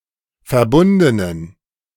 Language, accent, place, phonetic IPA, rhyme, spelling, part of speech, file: German, Germany, Berlin, [fɛɐ̯ˈbʊndənən], -ʊndənən, verbundenen, adjective, De-verbundenen.ogg
- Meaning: inflection of verbunden: 1. strong genitive masculine/neuter singular 2. weak/mixed genitive/dative all-gender singular 3. strong/weak/mixed accusative masculine singular 4. strong dative plural